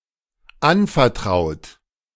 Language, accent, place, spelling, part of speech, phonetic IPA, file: German, Germany, Berlin, anvertraut, verb, [ˈanfɛɐ̯ˌtʁaʊ̯t], De-anvertraut.ogg
- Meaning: 1. past participle of anvertrauen 2. inflection of anvertrauen: third-person singular dependent present 3. inflection of anvertrauen: second-person plural dependent present